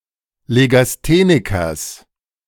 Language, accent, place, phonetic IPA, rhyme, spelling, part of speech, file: German, Germany, Berlin, [leɡasˈteːnɪkɐs], -eːnɪkɐs, Legasthenikers, noun, De-Legasthenikers.ogg
- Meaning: genitive singular of Legastheniker